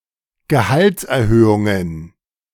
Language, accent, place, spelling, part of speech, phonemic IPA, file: German, Germany, Berlin, Gehaltserhöhungen, noun, /ɡəˈhaltsʔɛɐ̯ˌhøːʊŋən/, De-Gehaltserhöhungen.ogg
- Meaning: plural of Gehaltserhöhung